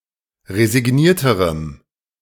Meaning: strong dative masculine/neuter singular comparative degree of resigniert
- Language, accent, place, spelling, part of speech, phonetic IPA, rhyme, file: German, Germany, Berlin, resignierterem, adjective, [ʁezɪˈɡniːɐ̯təʁəm], -iːɐ̯təʁəm, De-resignierterem.ogg